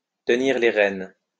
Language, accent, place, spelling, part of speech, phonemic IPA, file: French, France, Lyon, tenir les rênes, verb, /tə.niʁ le ʁɛn/, LL-Q150 (fra)-tenir les rênes.wav
- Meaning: to hold the reins